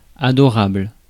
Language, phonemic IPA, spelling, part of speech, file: French, /a.dɔ.ʁabl/, adorable, adjective, Fr-adorable.ogg
- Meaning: adorable